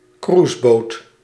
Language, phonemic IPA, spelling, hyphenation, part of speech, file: Dutch, /ˈkruːs.boːt/, cruiseboot, cruise‧boot, noun, Nl-cruiseboot.ogg
- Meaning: a cruise boat